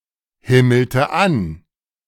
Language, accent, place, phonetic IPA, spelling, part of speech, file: German, Germany, Berlin, [ˌhɪml̩tə ˈan], himmelte an, verb, De-himmelte an.ogg
- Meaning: inflection of anhimmeln: 1. first/third-person singular preterite 2. first/third-person singular subjunctive II